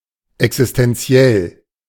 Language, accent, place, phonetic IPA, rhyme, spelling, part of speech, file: German, Germany, Berlin, [ɛksɪstɛnˈt͡si̯ɛl], -ɛl, existenziell, adjective, De-existenziell.ogg
- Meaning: existential